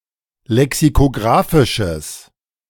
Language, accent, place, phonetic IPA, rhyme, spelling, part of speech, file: German, Germany, Berlin, [lɛksikoˈɡʁaːfɪʃəs], -aːfɪʃəs, lexikographisches, adjective, De-lexikographisches.ogg
- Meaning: strong/mixed nominative/accusative neuter singular of lexikographisch